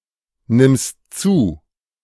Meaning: second-person singular present of zunehmen
- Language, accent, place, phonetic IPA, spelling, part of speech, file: German, Germany, Berlin, [ˌnɪmst ˈt͡suː], nimmst zu, verb, De-nimmst zu.ogg